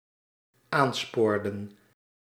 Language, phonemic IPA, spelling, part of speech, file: Dutch, /ˈanspordə(n)/, aanspoorden, verb, Nl-aanspoorden.ogg
- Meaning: inflection of aansporen: 1. plural dependent-clause past indicative 2. plural dependent-clause past subjunctive